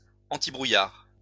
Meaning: antifog
- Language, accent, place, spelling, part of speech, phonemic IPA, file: French, France, Lyon, antibrouillard, adjective, /ɑ̃.ti.bʁu.jaʁ/, LL-Q150 (fra)-antibrouillard.wav